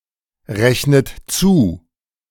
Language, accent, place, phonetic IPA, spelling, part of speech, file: German, Germany, Berlin, [ˌʁɛçnət ˈt͡suː], rechnet zu, verb, De-rechnet zu.ogg
- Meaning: inflection of zurechnen: 1. second-person plural present 2. second-person plural subjunctive I 3. third-person singular present 4. plural imperative